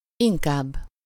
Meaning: rather, more (preferably, more gladly/willingly)
- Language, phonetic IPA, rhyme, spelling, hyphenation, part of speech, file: Hungarian, [ˈiŋkaːbː], -aːbː, inkább, in‧kább, adverb, Hu-inkább.ogg